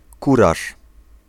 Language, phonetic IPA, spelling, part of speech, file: Polish, [ˈkuraʃ], kuraż, noun, Pl-kuraż.ogg